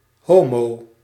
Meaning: 1. gay, homosexual 2. Used as a general slur
- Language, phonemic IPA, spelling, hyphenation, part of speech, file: Dutch, /ˈɦoː.moː/, homo, ho‧mo, noun, Nl-homo.ogg